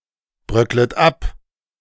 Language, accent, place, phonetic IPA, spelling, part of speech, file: German, Germany, Berlin, [ˌbʁœklət ˈap], bröcklet ab, verb, De-bröcklet ab.ogg
- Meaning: second-person plural subjunctive I of abbröckeln